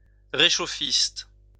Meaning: warmist
- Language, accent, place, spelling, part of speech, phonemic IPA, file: French, France, Lyon, réchauffiste, noun, /ʁe.ʃo.fist/, LL-Q150 (fra)-réchauffiste.wav